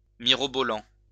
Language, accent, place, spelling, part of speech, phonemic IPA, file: French, France, Lyon, mirobolant, adjective / noun, /mi.ʁɔ.bɔ.lɑ̃/, LL-Q150 (fra)-mirobolant.wav
- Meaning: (adjective) 1. great, extraordinary, incredible 2. extremely unrealizable, infeasible (too magnificent or beautiful to be practicable)